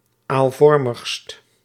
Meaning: superlative degree of aalvormig
- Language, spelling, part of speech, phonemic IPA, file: Dutch, aalvormigst, adjective, /alˈvɔrməxst/, Nl-aalvormigst.ogg